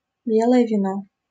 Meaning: white wine
- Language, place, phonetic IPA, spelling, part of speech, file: Russian, Saint Petersburg, [ˈbʲeɫəjə vʲɪˈno], белое вино, noun, LL-Q7737 (rus)-белое вино.wav